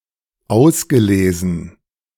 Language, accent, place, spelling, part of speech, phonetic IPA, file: German, Germany, Berlin, ausgelesen, verb, [ˈaʊ̯sɡəˌleːzn̩], De-ausgelesen.ogg
- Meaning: past participle of auslesen